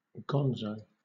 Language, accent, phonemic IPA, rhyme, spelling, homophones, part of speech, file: English, Southern England, /ˈɡɒnzəʊ/, -ɒnzəʊ, gonzo, gone-zo, adjective / noun, LL-Q1860 (eng)-gonzo.wav
- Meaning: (adjective) 1. Using an unconventional, exaggerated, and highly subjective style, often when the reporter takes part in the events of the story 2. Unconventional, bizarre, crazy